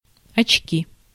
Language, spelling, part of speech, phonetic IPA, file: Russian, очки, noun, [ɐt͡ɕˈkʲi], Ru-очки.ogg
- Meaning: 1. glasses, spectacles 2. nominative/accusative plural of очко́ (očkó)